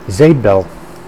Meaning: soap bubble
- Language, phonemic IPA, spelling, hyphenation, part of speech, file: Dutch, /ˈzeː(p).bɛl/, zeepbel, zeep‧bel, noun, Nl-zeepbel.ogg